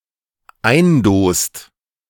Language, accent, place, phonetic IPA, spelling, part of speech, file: German, Germany, Berlin, [ˈaɪ̯nˌdoːst], eindost, verb, De-eindost.ogg
- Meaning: inflection of eindosen: 1. second/third-person singular dependent present 2. second-person plural dependent present